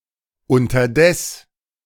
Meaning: meanwhile, in the meantime
- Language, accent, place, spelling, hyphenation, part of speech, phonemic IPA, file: German, Germany, Berlin, unterdes, un‧ter‧des, adverb, /ʊntɐˈdɛs/, De-unterdes.ogg